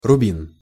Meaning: ruby (type of gem)
- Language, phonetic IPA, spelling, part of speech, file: Russian, [rʊˈbʲin], рубин, noun, Ru-рубин.ogg